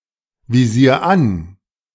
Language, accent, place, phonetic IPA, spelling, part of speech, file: German, Germany, Berlin, [viˌziːɐ̯ ˈan], visier an, verb, De-visier an.ogg
- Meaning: 1. singular imperative of anvisieren 2. first-person singular present of anvisieren